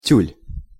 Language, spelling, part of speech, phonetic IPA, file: Russian, тюль, noun, [tʲʉlʲ], Ru-тюль.ogg
- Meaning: tulle (kind of silk lace)